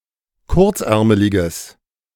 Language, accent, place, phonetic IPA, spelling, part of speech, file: German, Germany, Berlin, [ˈkʊʁt͡sˌʔɛʁməlɪɡəs], kurzärmeliges, adjective, De-kurzärmeliges.ogg
- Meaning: strong/mixed nominative/accusative neuter singular of kurzärmelig